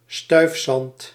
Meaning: 1. fine sand liable to being blown away by the wind 2. an area whose (top) soil consists of such minute sand
- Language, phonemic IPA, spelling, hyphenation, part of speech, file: Dutch, /ˈstœy̯f.sɑnt/, stuifzand, stuif‧zand, noun, Nl-stuifzand.ogg